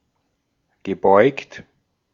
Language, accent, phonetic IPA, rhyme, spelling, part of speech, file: German, Austria, [ɡəˈbɔɪ̯kt], -ɔɪ̯kt, gebeugt, verb, De-at-gebeugt.ogg
- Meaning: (verb) past participle of beugen; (adjective) bent